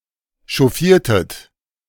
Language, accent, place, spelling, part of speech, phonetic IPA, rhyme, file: German, Germany, Berlin, chauffiertet, verb, [ʃɔˈfiːɐ̯tət], -iːɐ̯tət, De-chauffiertet.ogg
- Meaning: inflection of chauffieren: 1. second-person plural preterite 2. second-person plural subjunctive II